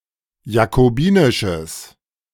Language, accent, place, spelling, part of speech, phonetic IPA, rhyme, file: German, Germany, Berlin, jakobinisches, adjective, [jakoˈbiːnɪʃəs], -iːnɪʃəs, De-jakobinisches.ogg
- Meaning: strong/mixed nominative/accusative neuter singular of jakobinisch